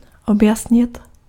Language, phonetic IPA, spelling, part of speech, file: Czech, [ˈobjasɲɪt], objasnit, verb, Cs-objasnit.ogg
- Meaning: 1. to get across (to make an idea evident; to successfully explain a thought or feeling), to clarify (to make clear; to free from obscurities; to brighten or illuminate) 2. to explain